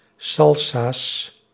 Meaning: plural of salsa
- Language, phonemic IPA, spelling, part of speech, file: Dutch, /ˈsɑlsas/, salsa's, noun, Nl-salsa's.ogg